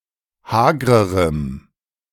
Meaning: strong dative masculine/neuter singular comparative degree of hager
- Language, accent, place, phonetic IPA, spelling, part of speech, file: German, Germany, Berlin, [ˈhaːɡʁəʁəm], hagrerem, adjective, De-hagrerem.ogg